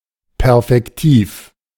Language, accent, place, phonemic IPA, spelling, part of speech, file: German, Germany, Berlin, /ˈpɛʁfɛktiːf/, perfektiv, adjective, De-perfektiv.ogg
- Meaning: perfective